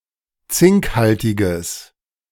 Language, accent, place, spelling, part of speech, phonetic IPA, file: German, Germany, Berlin, zinkhaltiges, adjective, [ˈt͡sɪŋkˌhaltɪɡəs], De-zinkhaltiges.ogg
- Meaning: strong/mixed nominative/accusative neuter singular of zinkhaltig